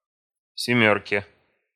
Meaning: dative/prepositional singular of семёрка (semjórka)
- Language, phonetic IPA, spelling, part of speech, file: Russian, [sʲɪˈmʲɵrkʲe], семёрке, noun, Ru-семёрке.ogg